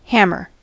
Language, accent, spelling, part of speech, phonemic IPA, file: English, US, hammer, noun / verb, /ˈhæmɚ/, En-us-hammer.ogg
- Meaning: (noun) 1. A tool with a heavy head and a handle used for pounding 2. The act of using a hammer to hit something 3. The malleus, a small bone of the middle ear